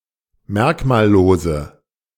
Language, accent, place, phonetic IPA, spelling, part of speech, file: German, Germany, Berlin, [ˈmɛʁkmaːlˌloːzə], merkmallose, adjective, De-merkmallose.ogg
- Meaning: inflection of merkmallos: 1. strong/mixed nominative/accusative feminine singular 2. strong nominative/accusative plural 3. weak nominative all-gender singular